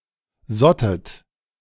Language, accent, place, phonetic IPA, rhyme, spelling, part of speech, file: German, Germany, Berlin, [ˈzɔtət], -ɔtət, sottet, verb, De-sottet.ogg
- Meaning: second-person plural preterite of sieden